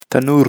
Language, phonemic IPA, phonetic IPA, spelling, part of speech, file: Pashto, /təˈnur/, [t̪ə.núɾ], تنور, noun, تنور-کندز.ogg
- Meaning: oven